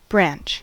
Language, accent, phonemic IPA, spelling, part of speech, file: English, General American, /bɹænt͡ʃ/, branch, noun / verb, En-us-branch.ogg
- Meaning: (noun) 1. The woody part of a tree arising from the trunk and usually dividing 2. Any of the parts of something that divides like the branch of a tree